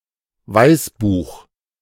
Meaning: white paper
- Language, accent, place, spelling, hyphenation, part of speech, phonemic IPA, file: German, Germany, Berlin, Weißbuch, Weiß‧buch, noun, /ˈvaɪ̯sˌbuːx/, De-Weißbuch.ogg